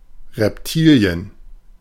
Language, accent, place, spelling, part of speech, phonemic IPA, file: German, Germany, Berlin, Reptilien, noun, /ʁɛpˈtiː.li̯ən/, De-Reptilien.ogg
- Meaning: plural of Reptil